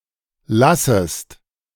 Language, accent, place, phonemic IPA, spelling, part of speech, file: German, Germany, Berlin, /ˈlasəst/, lassest, verb, De-lassest.ogg
- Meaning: second-person singular subjunctive I of lassen